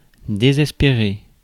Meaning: to despair (feel hopeless)
- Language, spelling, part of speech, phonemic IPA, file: French, désespérer, verb, /de.zɛs.pe.ʁe/, Fr-désespérer.ogg